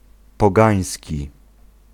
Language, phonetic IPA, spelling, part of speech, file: Polish, [pɔˈɡãj̃sʲci], pogański, adjective, Pl-pogański.ogg